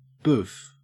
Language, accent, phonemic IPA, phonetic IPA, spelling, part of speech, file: English, Australia, /buːf/, [bʉːf], boof, interjection / noun / verb, En-au-boof.ogg
- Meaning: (interjection) 1. The sound of a blow or collision; wham 2. A preliminary, soft "pre-bark" that a dog makes when unsure that a full, vocal bark is warranted